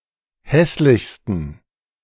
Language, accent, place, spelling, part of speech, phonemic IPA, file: German, Germany, Berlin, hässlichsten, adjective, /ˈhɛslɪçstən/, De-hässlichsten.ogg
- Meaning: 1. superlative degree of hässlich 2. inflection of hässlich: strong genitive masculine/neuter singular superlative degree